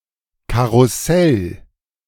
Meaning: 1. carousel (US), merry-go-round (UK) (amusement ride) 2. merry-go-round (US), roundabout (UK) (piece of playground equipment)
- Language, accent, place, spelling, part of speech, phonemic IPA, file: German, Germany, Berlin, Karussell, noun, /ˌkaʁʊˈsɛl/, De-Karussell.ogg